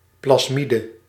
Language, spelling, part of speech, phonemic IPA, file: Dutch, plasmide, noun, /plɑs.ˈmi.də/, Nl-plasmide.ogg
- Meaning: plasmid